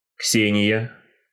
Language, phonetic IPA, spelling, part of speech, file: Russian, [ˈksʲenʲɪjə], Ксения, proper noun, Ru-Ксения.ogg
- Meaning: a female given name, Ksenia, from Ancient Greek